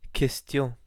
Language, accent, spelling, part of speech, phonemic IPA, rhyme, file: French, France, question, noun, /kɛs.tjɔ̃/, -jɔ̃, Fr-fr-question.ogg
- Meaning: 1. question (interrogation by torture) 2. question (sentence, phrase or word which asks for information, reply or response) 3. issue, matter, topic, problem